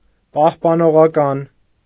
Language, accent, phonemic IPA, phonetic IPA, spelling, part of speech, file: Armenian, Eastern Armenian, /pɑhpɑnoʁɑˈkɑn/, [pɑhpɑnoʁɑkɑ́n], պահպանողական, adjective, Hy-պահպանողական.ogg
- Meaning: conservative